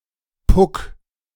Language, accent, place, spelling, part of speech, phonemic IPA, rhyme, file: German, Germany, Berlin, Puck, noun, /pʊk/, -ʊk, De-Puck.ogg
- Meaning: puck